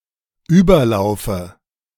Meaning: inflection of überlaufen: 1. first-person singular dependent present 2. first/third-person singular dependent subjunctive I
- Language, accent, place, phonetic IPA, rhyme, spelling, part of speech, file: German, Germany, Berlin, [ˈyːbɐˌlaʊ̯fə], -yːbɐlaʊ̯fə, überlaufe, verb, De-überlaufe.ogg